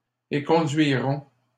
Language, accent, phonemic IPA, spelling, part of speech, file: French, Canada, /e.kɔ̃.dɥi.ʁɔ̃/, éconduirons, verb, LL-Q150 (fra)-éconduirons.wav
- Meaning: first-person plural simple future of éconduire